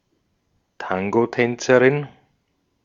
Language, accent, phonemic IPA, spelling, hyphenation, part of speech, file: German, Austria, /ˈtaŋɡoˌtɛnt͡səʁɪn/, Tangotänzerin, Tan‧go‧tän‧ze‧rin, noun, De-at-Tangotänzerin.ogg
- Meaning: female equivalent of Tangotänzer (“tango dancer”)